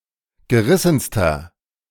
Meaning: inflection of gerissen: 1. strong/mixed nominative masculine singular superlative degree 2. strong genitive/dative feminine singular superlative degree 3. strong genitive plural superlative degree
- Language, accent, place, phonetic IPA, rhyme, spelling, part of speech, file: German, Germany, Berlin, [ɡəˈʁɪsn̩stɐ], -ɪsn̩stɐ, gerissenster, adjective, De-gerissenster.ogg